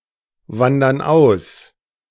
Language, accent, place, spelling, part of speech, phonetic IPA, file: German, Germany, Berlin, wandern aus, verb, [ˌvandɐn ˈaʊ̯s], De-wandern aus.ogg
- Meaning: inflection of auswandern: 1. first/third-person plural present 2. first/third-person plural subjunctive I